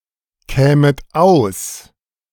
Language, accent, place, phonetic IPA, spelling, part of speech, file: German, Germany, Berlin, [ˌkɛːmət ˈaʊ̯s], kämet aus, verb, De-kämet aus.ogg
- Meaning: second-person plural subjunctive II of auskommen